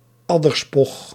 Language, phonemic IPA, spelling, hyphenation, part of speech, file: Dutch, /ˈɑ.dərˌspɔx/, adderspog, ad‧der‧spog, noun, Nl-adderspog.ogg
- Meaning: viper venom